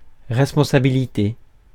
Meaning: 1. responsibility 2. legal liability
- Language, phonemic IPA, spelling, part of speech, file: French, /ʁɛs.pɔ̃.sa.bi.li.te/, responsabilité, noun, Fr-responsabilité.ogg